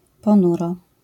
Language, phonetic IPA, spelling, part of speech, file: Polish, [pɔ̃ˈnurɔ], ponuro, adverb, LL-Q809 (pol)-ponuro.wav